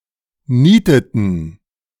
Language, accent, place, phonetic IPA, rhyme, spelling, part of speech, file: German, Germany, Berlin, [ˈniːtətn̩], -iːtətn̩, nieteten, verb, De-nieteten.ogg
- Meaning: inflection of nieten: 1. first/third-person plural preterite 2. first/third-person plural subjunctive II